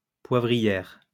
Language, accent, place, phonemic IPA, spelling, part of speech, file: French, France, Lyon, /pwa.vʁi.jɛʁ/, poivrière, noun, LL-Q150 (fra)-poivrière.wav
- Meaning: 1. pepper field 2. pepper pot